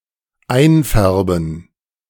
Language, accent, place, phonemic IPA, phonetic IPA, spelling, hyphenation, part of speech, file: German, Germany, Berlin, /ˈaɪ̯nˌfɛʁbən/, [ˈʔaɪ̯nˌfɛɐ̯bm̩], einfärben, ein‧fär‧ben, verb, De-einfärben.ogg
- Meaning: to dye